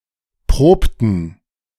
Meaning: inflection of proben: 1. first/third-person plural preterite 2. first/third-person plural subjunctive II
- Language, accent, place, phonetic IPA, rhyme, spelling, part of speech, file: German, Germany, Berlin, [ˈpʁoːptn̩], -oːptn̩, probten, verb, De-probten.ogg